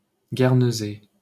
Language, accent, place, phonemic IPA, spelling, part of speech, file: French, France, Paris, /ɡɛʁ.nə.zɛ/, Guernesey, proper noun, LL-Q150 (fra)-Guernesey.wav
- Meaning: Guernsey